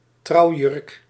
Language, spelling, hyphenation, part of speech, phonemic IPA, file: Dutch, trouwjurk, trouw‧jurk, noun, /ˈtrɑu̯.jʏrk/, Nl-trouwjurk.ogg
- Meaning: wedding dress